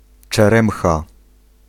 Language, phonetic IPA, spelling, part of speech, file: Polish, [t͡ʃɛˈrɛ̃mxa], czeremcha, noun, Pl-czeremcha.ogg